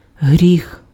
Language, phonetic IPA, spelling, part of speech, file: Ukrainian, [ɦrʲix], гріх, noun, Uk-гріх.ogg
- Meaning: 1. sin 2. fault 3. wrongdoing